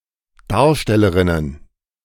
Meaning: plural of Darstellerin
- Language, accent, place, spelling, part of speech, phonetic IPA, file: German, Germany, Berlin, Darstellerinnen, noun, [ˈdaːɐ̯ʃtɛləʁɪnən], De-Darstellerinnen.ogg